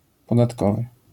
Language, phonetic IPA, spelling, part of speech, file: Polish, [ˌpɔdatˈkɔvɨ], podatkowy, adjective, LL-Q809 (pol)-podatkowy.wav